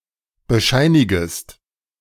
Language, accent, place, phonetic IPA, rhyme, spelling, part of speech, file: German, Germany, Berlin, [bəˈʃaɪ̯nɪɡəst], -aɪ̯nɪɡəst, bescheinigest, verb, De-bescheinigest.ogg
- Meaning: second-person singular subjunctive I of bescheinigen